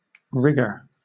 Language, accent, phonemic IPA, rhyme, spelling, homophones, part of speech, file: English, Southern England, /ˈɹɪɡə(ɹ)/, -ɪɡə(ɹ), rigger, rigor / rigour, noun, LL-Q1860 (eng)-rigger.wav
- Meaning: One who rigs or dresses; as: One whose occupation is to fit the rigging of a ship or of a counterweight system